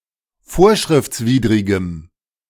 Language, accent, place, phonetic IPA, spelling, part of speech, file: German, Germany, Berlin, [ˈfoːɐ̯ʃʁɪft͡sˌviːdʁɪɡəm], vorschriftswidrigem, adjective, De-vorschriftswidrigem.ogg
- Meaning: strong dative masculine/neuter singular of vorschriftswidrig